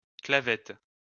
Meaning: key, peg
- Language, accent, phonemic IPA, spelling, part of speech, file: French, France, /kla.vɛt/, clavette, noun, LL-Q150 (fra)-clavette.wav